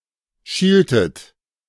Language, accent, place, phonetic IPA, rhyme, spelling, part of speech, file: German, Germany, Berlin, [ˈʃiːltət], -iːltət, schieltet, verb, De-schieltet.ogg
- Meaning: inflection of schielen: 1. second-person plural preterite 2. second-person plural subjunctive II